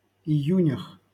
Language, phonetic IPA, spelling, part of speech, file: Russian, [ɪˈjʉnʲəx], июнях, noun, LL-Q7737 (rus)-июнях.wav
- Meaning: prepositional plural of ию́нь (ijúnʹ)